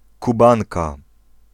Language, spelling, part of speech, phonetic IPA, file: Polish, Kubanka, noun, [kuˈbãŋka], Pl-Kubanka.ogg